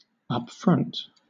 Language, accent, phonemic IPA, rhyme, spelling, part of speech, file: English, Southern England, /ʌpˈfɹʌnt/, -ʌnt, upfront, adjective / adverb / noun / verb, LL-Q1860 (eng)-upfront.wav
- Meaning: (adjective) 1. Honest, frank and straightforward 2. Open, admitted, out 3. In a forward, leading or frontward position 4. Of money, paid in advance; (adverb) 1. Beforehand 2. As an attacker